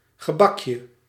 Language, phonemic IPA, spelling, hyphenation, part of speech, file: Dutch, /ɣəˈbɑk.jə/, gebakje, ge‧bak‧je, noun, Nl-gebakje.ogg
- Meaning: a piece of pastry